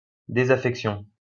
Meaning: disaffection
- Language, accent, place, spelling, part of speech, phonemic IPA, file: French, France, Lyon, désaffection, noun, /de.za.fɛk.sjɔ̃/, LL-Q150 (fra)-désaffection.wav